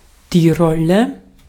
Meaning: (noun) 1. roll, reel, spool 2. roll, tube 3. a relatively small wheel on which something is rolled (as on a wheelie bin) 4. role, part 5. roller, castor, pulley 6. roll 7. mangle, wringer
- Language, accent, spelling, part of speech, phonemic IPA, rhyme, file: German, Austria, Rolle, noun / proper noun, /ˈʁɔlə/, -ɔlə, De-at-Rolle.ogg